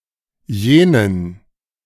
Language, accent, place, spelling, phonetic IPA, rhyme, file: German, Germany, Berlin, jenen, [ˈjeːnən], -eːnən, De-jenen.ogg
- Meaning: 1. accusative masculine singular of jener 2. dative plural of jener